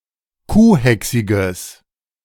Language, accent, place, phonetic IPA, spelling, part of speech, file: German, Germany, Berlin, [ˈkuːˌhɛksɪɡəs], kuhhächsiges, adjective, De-kuhhächsiges.ogg
- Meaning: strong/mixed nominative/accusative neuter singular of kuhhächsig